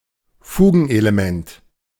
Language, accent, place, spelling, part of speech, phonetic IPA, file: German, Germany, Berlin, Fugenelement, noun, [ˈfuː.ɡn̩.ʔe.leˌmɛnt], De-Fugenelement.ogg
- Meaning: interfix, linking element